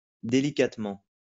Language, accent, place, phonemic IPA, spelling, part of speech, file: French, France, Lyon, /de.li.kat.mɑ̃/, délicatement, adverb, LL-Q150 (fra)-délicatement.wav
- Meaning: delicately